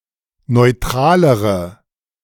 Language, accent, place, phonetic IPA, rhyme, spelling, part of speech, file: German, Germany, Berlin, [nɔɪ̯ˈtʁaːləʁə], -aːləʁə, neutralere, adjective, De-neutralere.ogg
- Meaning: inflection of neutral: 1. strong/mixed nominative/accusative feminine singular comparative degree 2. strong nominative/accusative plural comparative degree